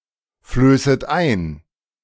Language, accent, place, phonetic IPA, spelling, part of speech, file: German, Germany, Berlin, [ˌfløːsət ˈaɪ̯n], flößet ein, verb, De-flößet ein.ogg
- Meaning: second-person plural subjunctive I of einflößen